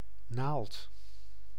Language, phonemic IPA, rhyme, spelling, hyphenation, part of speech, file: Dutch, /naːlt/, -aːlt, naald, naald, noun, Nl-naald.ogg
- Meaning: 1. a needle, a pin (for sewing, injections, tattooing etc.) 2. a needle (leaf of coniferous trees) 3. the needle of a record player 4. an obelisk or column (monument, memorial)